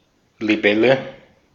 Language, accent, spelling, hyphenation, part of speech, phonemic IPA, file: German, Austria, Libelle, Li‧bel‧le, noun, /liˈbɛlə/, De-at-Libelle.ogg
- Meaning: dragonfly